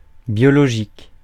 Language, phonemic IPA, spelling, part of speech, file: French, /bjɔ.lɔ.ʒik/, biologique, adjective, Fr-biologique.ogg
- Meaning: 1. biological 2. biological (related by blood) 3. organic (without pesticide)